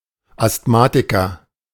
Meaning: asthmatic (person)
- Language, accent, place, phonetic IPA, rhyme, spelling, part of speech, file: German, Germany, Berlin, [astˈmaːtɪkɐ], -aːtɪkɐ, Asthmatiker, noun, De-Asthmatiker.ogg